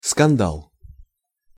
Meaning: 1. scandal 2. fracas, brawl, donnybrook (a noisy disorderly quarrel)
- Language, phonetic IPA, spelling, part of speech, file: Russian, [skɐnˈdaɫ], скандал, noun, Ru-скандал.ogg